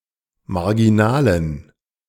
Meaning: inflection of marginal: 1. strong genitive masculine/neuter singular 2. weak/mixed genitive/dative all-gender singular 3. strong/weak/mixed accusative masculine singular 4. strong dative plural
- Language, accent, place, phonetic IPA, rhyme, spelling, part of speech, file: German, Germany, Berlin, [maʁɡiˈnaːlən], -aːlən, marginalen, adjective, De-marginalen.ogg